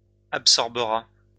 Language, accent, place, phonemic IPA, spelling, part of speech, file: French, France, Lyon, /ap.sɔʁ.bə.ʁa/, absorbera, verb, LL-Q150 (fra)-absorbera.wav
- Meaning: third-person singular future of absorber